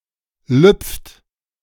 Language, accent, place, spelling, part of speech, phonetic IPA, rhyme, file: German, Germany, Berlin, lüpft, verb, [lʏp͡ft], -ʏp͡ft, De-lüpft.ogg
- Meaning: inflection of lüpfen: 1. second-person plural present 2. third-person singular present 3. plural imperative